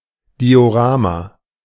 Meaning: diorama
- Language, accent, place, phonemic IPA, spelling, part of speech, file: German, Germany, Berlin, /diːoˈʀaːma/, Diorama, noun, De-Diorama.ogg